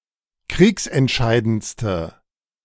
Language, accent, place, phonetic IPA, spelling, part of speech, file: German, Germany, Berlin, [ˈkʁiːksɛntˌʃaɪ̯dənt͡stə], kriegsentscheidendste, adjective, De-kriegsentscheidendste.ogg
- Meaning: inflection of kriegsentscheidend: 1. strong/mixed nominative/accusative feminine singular superlative degree 2. strong nominative/accusative plural superlative degree